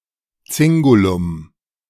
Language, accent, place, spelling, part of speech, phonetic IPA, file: German, Germany, Berlin, Zingulum, noun, [ˈt͡sɪŋɡulʊm], De-Zingulum.ogg
- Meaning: 1. cincture, girdle 2. cingulum